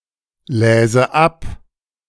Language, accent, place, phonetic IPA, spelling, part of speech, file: German, Germany, Berlin, [ˌlɛːzə ˈap], läse ab, verb, De-läse ab.ogg
- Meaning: first/third-person singular subjunctive II of ablesen